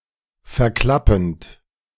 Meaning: present participle of verklappen
- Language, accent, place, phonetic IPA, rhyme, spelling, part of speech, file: German, Germany, Berlin, [fɛɐ̯ˈklapn̩t], -apn̩t, verklappend, verb, De-verklappend.ogg